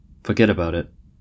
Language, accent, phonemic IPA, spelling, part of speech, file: English, US, /fəˈɡɛdəˌbaʊ.dɪt/, foggetaboutit, interjection, En-us-foggetaboutit.ogg
- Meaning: Pronunciation spelling of forget about it